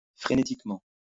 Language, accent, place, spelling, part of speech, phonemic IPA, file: French, France, Lyon, frénétiquement, adverb, /fʁe.ne.tik.mɑ̃/, LL-Q150 (fra)-frénétiquement.wav
- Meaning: frantically